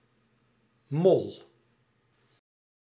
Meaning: 1. a mole, any insectivore of the family Talpidae 2. a European mole, Talpa europaea 3. a mole, an infiltrator, an infiltrant 4. flat (musical note) 5. a mole (unit of chemical quantity)
- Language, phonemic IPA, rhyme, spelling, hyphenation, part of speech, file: Dutch, /mɔl/, -ɔl, mol, mol, noun, Nl-mol.ogg